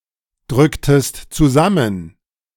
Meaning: inflection of zusammendrücken: 1. second-person singular preterite 2. second-person singular subjunctive II
- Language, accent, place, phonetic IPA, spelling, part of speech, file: German, Germany, Berlin, [ˌdʁʏktəst t͡suˈzamən], drücktest zusammen, verb, De-drücktest zusammen.ogg